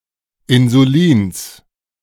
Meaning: genitive singular of Insulin
- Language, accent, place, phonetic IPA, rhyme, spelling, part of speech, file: German, Germany, Berlin, [ɪnzuˈliːns], -iːns, Insulins, noun, De-Insulins.ogg